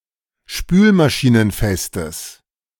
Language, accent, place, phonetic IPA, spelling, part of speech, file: German, Germany, Berlin, [ˈʃpyːlmaʃiːnənˌfɛstəs], spülmaschinenfestes, adjective, De-spülmaschinenfestes.ogg
- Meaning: strong/mixed nominative/accusative neuter singular of spülmaschinenfest